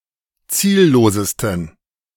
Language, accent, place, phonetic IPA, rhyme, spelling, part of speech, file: German, Germany, Berlin, [ˈt͡siːlˌloːzəstn̩], -iːlloːzəstn̩, ziellosesten, adjective, De-ziellosesten.ogg
- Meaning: 1. superlative degree of ziellos 2. inflection of ziellos: strong genitive masculine/neuter singular superlative degree